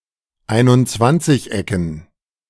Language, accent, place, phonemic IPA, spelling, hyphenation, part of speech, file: German, Germany, Berlin, /ˌaɪ̯nʊntˈt͡svant͡sɪçˌɛkən/, Einundzwanzigecken, Ein‧und‧zwanzig‧ecken, noun, De-Einundzwanzigecken.ogg
- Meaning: dative plural of Einundzwanzigeck